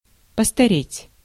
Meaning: to grow old, to age, to advance in age
- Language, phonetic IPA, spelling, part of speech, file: Russian, [pəstɐˈrʲetʲ], постареть, verb, Ru-постареть.ogg